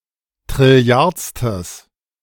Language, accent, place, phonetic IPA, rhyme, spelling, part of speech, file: German, Germany, Berlin, [tʁɪˈli̯aʁt͡stəs], -aʁt͡stəs, trilliardstes, adjective, De-trilliardstes.ogg
- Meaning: strong/mixed nominative/accusative neuter singular of trilliardste